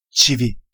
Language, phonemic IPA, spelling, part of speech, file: Turkish, /tʃiˈvi/, çivi, noun, Çivi.ogg
- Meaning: nail (spike-shaped metal fastener used for joining wood or similar materials)